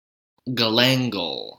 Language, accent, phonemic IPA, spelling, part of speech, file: English, US, /ɡəˈlæŋɡəl/, galangal, noun, En-us-galangal.ogg
- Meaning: Any of several east Asian plants of genera Alpinia and Kaempferia in the ginger family, used as a spice, but principally Alpinia galanga